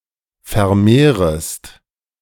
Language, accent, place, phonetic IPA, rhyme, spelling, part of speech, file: German, Germany, Berlin, [fɛɐ̯ˈmeːʁəst], -eːʁəst, vermehrest, verb, De-vermehrest.ogg
- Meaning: second-person singular subjunctive I of vermehren